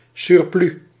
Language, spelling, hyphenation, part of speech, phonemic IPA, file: Dutch, surplus, sur‧plus, noun, /ˈsʏr.plʏs/, Nl-surplus.ogg
- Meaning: 1. a surplus value, notably of money 2. a remaining quantity, notably stock excess